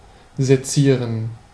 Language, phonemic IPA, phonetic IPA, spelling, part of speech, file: German, /zeˈtsiːʁən/, [zeˈtsiːɐ̯n], sezieren, verb, De-sezieren.ogg
- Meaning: to dissect